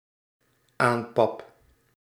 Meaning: first-person singular dependent-clause present indicative of aanpappen
- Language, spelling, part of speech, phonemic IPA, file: Dutch, aanpap, verb, /ˈampɑp/, Nl-aanpap.ogg